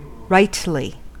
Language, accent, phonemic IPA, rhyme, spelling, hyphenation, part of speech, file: English, General American, /ˈɹaɪtli/, -aɪtli, rightly, right‧ly, adverb, En-us-rightly.ogg
- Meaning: In a right manner; correctly, justifiably